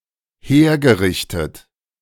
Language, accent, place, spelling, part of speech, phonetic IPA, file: German, Germany, Berlin, hergerichtet, verb, [ˈheːɐ̯ɡəˌʁɪçtət], De-hergerichtet.ogg
- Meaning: past participle of herrichten